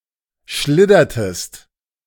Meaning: inflection of schliddern: 1. second-person singular preterite 2. second-person singular subjunctive II
- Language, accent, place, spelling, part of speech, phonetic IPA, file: German, Germany, Berlin, schliddertest, verb, [ˈʃlɪdɐtəst], De-schliddertest.ogg